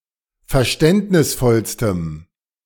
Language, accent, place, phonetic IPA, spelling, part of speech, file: German, Germany, Berlin, [fɛɐ̯ˈʃtɛntnɪsˌfɔlstəm], verständnisvollstem, adjective, De-verständnisvollstem.ogg
- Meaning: strong dative masculine/neuter singular superlative degree of verständnisvoll